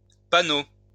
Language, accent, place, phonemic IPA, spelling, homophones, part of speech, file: French, France, Lyon, /pa.no/, paonneau, panneau / panneaux / paonneaux, noun, LL-Q150 (fra)-paonneau.wav
- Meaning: young peacock